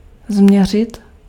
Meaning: to measure
- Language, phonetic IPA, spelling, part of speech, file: Czech, [ˈzm̩ɲɛr̝ɪt], změřit, verb, Cs-změřit.ogg